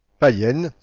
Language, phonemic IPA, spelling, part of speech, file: French, /pa.jɛn/, païenne, adjective, FR-païenne.ogg
- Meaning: feminine singular of païen